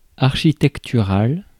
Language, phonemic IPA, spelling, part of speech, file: French, /aʁ.ʃi.tɛk.ty.ʁal/, architectural, adjective, Fr-architectural.ogg
- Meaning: architectural